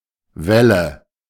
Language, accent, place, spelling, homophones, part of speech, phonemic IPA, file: German, Germany, Berlin, Welle, Wälle, noun, /ˈvɛlə/, De-Welle.ogg
- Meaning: 1. wave (of water) 2. wave, curve, anything wave-shaped (e.g. hair) 3. shaft (mechanical component) 4. craze, fad (fashion, etc.)